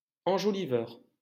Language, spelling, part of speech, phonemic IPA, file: French, enjoliveur, noun, /ɑ̃.ʒɔ.li.vœʁ/, LL-Q150 (fra)-enjoliveur.wav
- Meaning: hubcap